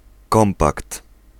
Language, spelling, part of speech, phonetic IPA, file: Polish, kompakt, noun, [ˈkɔ̃mpakt], Pl-kompakt.ogg